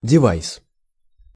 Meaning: device (equipment)
- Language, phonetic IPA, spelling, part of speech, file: Russian, [dʲɪˈvajs], девайс, noun, Ru-девайс.ogg